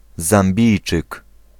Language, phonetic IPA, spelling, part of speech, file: Polish, [zãmˈbʲijt͡ʃɨk], Zambijczyk, noun, Pl-Zambijczyk.ogg